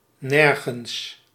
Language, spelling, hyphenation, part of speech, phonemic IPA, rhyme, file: Dutch, nergens, ner‧gens, adverb, /ˈnɛr.ɣəns/, -ɛrɣəns, Nl-nergens.ogg
- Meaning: 1. nowhere 2. pronominal adverb form of niets; nothing